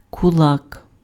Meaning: 1. fist 2. cog 3. kulak (a prosperous peasant in the Russian Empire or the Soviet Union, who owned land and could hire workers)
- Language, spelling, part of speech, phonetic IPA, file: Ukrainian, кулак, noun, [kʊˈɫak], Uk-кулак.ogg